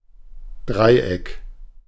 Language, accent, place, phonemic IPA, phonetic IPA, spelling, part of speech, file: German, Germany, Berlin, /ˈdʁaɪ̯ˌ.ɛk/, [ˈdʁaɪ̯ˌʔɛkʰ], Dreieck, noun, De-Dreieck.ogg
- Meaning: 1. triangle (three-pointed shape) 2. triangle (three-pointed shape): synonym of Autobahndreieck